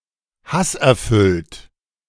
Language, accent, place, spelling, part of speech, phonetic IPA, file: German, Germany, Berlin, hasserfüllt, adjective, [ˈhasʔɛɐ̯ˌfʏlt], De-hasserfüllt.ogg
- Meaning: hateful, hate-filled